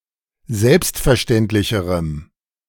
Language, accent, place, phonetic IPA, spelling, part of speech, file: German, Germany, Berlin, [ˈzɛlpstfɛɐ̯ˌʃtɛntlɪçəʁəm], selbstverständlicherem, adjective, De-selbstverständlicherem.ogg
- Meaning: strong dative masculine/neuter singular comparative degree of selbstverständlich